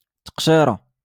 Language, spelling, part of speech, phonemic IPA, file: Moroccan Arabic, تقشيرة, noun, /taq.ʃiː.ra/, LL-Q56426 (ary)-تقشيرة.wav
- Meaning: sock